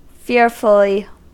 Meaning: 1. In a fearful manner; characterized by fear 2. very; very much
- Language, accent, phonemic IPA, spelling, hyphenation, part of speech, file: English, US, /ˈfɪɹfəli/, fearfully, fear‧ful‧ly, adverb, En-us-fearfully.ogg